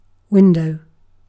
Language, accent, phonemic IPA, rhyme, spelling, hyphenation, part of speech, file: English, Southern England, /ˈwɪndəʊ/, -ɪndəʊ, window, win‧dow, noun / verb, En-uk-window.ogg
- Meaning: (noun) An opening, usually covered by one or more panes of clear glass, to allow light and air from outside to enter a building or vehicle